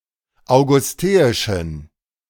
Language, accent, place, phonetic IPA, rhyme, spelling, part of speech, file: German, Germany, Berlin, [aʊ̯ɡʊsˈteːɪʃn̩], -eːɪʃn̩, augusteischen, adjective, De-augusteischen.ogg
- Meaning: inflection of augusteisch: 1. strong genitive masculine/neuter singular 2. weak/mixed genitive/dative all-gender singular 3. strong/weak/mixed accusative masculine singular 4. strong dative plural